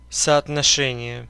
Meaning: 1. correspondence (agreement of situations or objects with an expected outcome) 2. correlation, ratio
- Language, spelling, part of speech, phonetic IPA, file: Russian, соотношение, noun, [sɐɐtnɐˈʂɛnʲɪje], Ru-соотношение.ogg